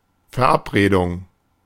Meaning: 1. appointment 2. date (pre-arranged social meeting)
- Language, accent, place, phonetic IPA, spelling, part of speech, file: German, Germany, Berlin, [fɛɐ̯ˈʔapʁeːdʊŋ], Verabredung, noun, De-Verabredung.ogg